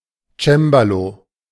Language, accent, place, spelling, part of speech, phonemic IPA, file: German, Germany, Berlin, Cembalo, noun, /ˈt͡ʃɛmbaloː/, De-Cembalo.ogg
- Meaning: harpsichord